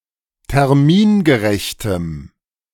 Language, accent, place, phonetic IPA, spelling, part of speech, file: German, Germany, Berlin, [tɛʁˈmiːnɡəˌʁɛçtəm], termingerechtem, adjective, De-termingerechtem.ogg
- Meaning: strong dative masculine/neuter singular of termingerecht